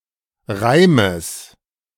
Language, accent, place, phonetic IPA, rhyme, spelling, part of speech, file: German, Germany, Berlin, [ˈʁaɪ̯məs], -aɪ̯məs, Reimes, noun, De-Reimes.ogg
- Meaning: genitive singular of Reim